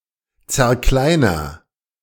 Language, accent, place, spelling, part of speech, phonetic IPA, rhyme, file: German, Germany, Berlin, zerkleiner, verb, [t͡sɛɐ̯ˈklaɪ̯nɐ], -aɪ̯nɐ, De-zerkleiner.ogg
- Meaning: inflection of zerkleinern: 1. first-person singular present 2. singular imperative